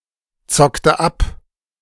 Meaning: inflection of abzocken: 1. first/third-person singular preterite 2. first/third-person singular subjunctive II
- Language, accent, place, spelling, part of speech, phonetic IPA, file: German, Germany, Berlin, zockte ab, verb, [ˌt͡sɔktə ˈap], De-zockte ab.ogg